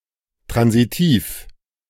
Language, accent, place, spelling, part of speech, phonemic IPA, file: German, Germany, Berlin, transitiv, adjective, /ˈtʁanziˌtiːf/, De-transitiv.ogg
- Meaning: transitive